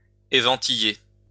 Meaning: to hover
- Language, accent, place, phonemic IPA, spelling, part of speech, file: French, France, Lyon, /e.vɑ̃.ti.je/, éventiller, verb, LL-Q150 (fra)-éventiller.wav